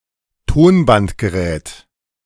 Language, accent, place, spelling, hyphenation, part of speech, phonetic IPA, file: German, Germany, Berlin, Tonbandgerät, Ton‧band‧ge‧rät, noun, [ˈtoːnbantɡəˌʁɛːt], De-Tonbandgerät.ogg
- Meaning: tape recorder (reel-to-reel tape deck)